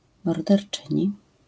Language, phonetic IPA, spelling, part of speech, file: Polish, [ˌmɔrdɛrˈt͡ʃɨ̃ɲi], morderczyni, noun, LL-Q809 (pol)-morderczyni.wav